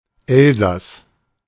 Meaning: Alsace (a cultural region, former administrative region and historical province of France; since 2016, part of the administrative region of Grand Est)
- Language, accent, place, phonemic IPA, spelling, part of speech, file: German, Germany, Berlin, /ˈɛlzas/, Elsass, proper noun, De-Elsass.ogg